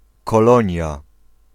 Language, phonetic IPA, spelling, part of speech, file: Polish, [kɔˈlɔ̃ɲja], Kolonia, proper noun, Pl-Kolonia.ogg